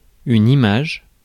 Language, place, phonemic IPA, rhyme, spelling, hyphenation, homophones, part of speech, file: French, Paris, /i.maʒ/, -aʒ, image, image, images / imagent, noun / verb, Fr-image.ogg
- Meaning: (noun) 1. picture, image 2. frame 3. A mental representation; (verb) inflection of imager: 1. first/third-person singular present indicative/subjunctive 2. second-person singular imperative